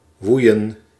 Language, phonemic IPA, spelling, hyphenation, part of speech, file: Dutch, /ˈʋui̯ə(n)/, woeien, woe‧ien, verb, Nl-woeien.ogg
- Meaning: inflection of waaien: 1. plural past indicative 2. plural past subjunctive